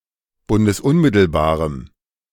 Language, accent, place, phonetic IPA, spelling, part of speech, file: German, Germany, Berlin, [ˌbʊndəsˈʊnmɪtl̩baːʁəm], bundesunmittelbarem, adjective, De-bundesunmittelbarem.ogg
- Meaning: strong dative masculine/neuter singular of bundesunmittelbar